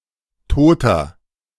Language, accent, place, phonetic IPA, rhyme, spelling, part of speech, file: German, Germany, Berlin, [ˈtoːtɐ], -oːtɐ, Toter, noun, De-Toter.ogg
- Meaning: 1. cadaver; corpse (male or of unspecified gender) 2. inflection of Tote: strong genitive/dative singular 3. inflection of Tote: strong genitive plural